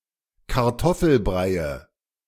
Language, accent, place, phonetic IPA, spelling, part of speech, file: German, Germany, Berlin, [kaʁˈtɔfl̩ˌbʁaɪ̯ə], Kartoffelbreie, noun, De-Kartoffelbreie.ogg
- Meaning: nominative/accusative/genitive plural of Kartoffelbrei